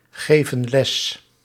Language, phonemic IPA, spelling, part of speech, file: Dutch, /ˈɣevə(n) ˈlɛs/, geven les, verb, Nl-geven les.ogg
- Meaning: inflection of lesgeven: 1. plural present indicative 2. plural present subjunctive